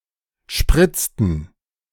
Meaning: inflection of spritzen: 1. first/third-person plural preterite 2. first/third-person plural subjunctive II
- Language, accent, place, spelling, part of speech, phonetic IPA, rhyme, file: German, Germany, Berlin, spritzten, verb, [ˈʃpʁɪt͡stn̩], -ɪt͡stn̩, De-spritzten.ogg